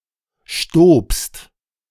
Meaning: second-person singular preterite of stieben
- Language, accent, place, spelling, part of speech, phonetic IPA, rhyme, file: German, Germany, Berlin, stobst, verb, [ʃtoːpst], -oːpst, De-stobst.ogg